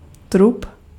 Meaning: torso, trunk, body
- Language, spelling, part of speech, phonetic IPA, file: Czech, trup, noun, [ˈtrup], Cs-trup.ogg